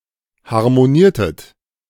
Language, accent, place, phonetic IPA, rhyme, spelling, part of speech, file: German, Germany, Berlin, [haʁmoˈniːɐ̯tət], -iːɐ̯tət, harmoniertet, verb, De-harmoniertet.ogg
- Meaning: inflection of harmonieren: 1. second-person plural preterite 2. second-person plural subjunctive II